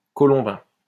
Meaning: 1. dovelike 2. of: Colombe, Isère, France 3. of: Montgellafrey, Savoie, en France 4. of: Sainte-Colombe, Doubs, en France 5. of: Sainte-Colombe, Landes, en France
- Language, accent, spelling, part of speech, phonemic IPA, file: French, France, colombin, adjective, /kɔ.lɔ̃.bɛ̃/, LL-Q150 (fra)-colombin.wav